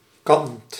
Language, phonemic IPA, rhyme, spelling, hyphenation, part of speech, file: Dutch, /kɑnt/, -ɑnt, kant, kant, noun / verb, Nl-kant.ogg
- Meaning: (noun) 1. side, face (of an object) 2. side (as opposed to top or bottom) 3. way, direction 4. lace (textile pattern)